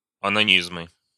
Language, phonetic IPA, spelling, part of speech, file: Russian, [ɐnɐˈnʲizmɨ], онанизмы, noun, Ru-онанизмы.ogg
- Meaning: nominative/accusative plural of онани́зм (onanízm)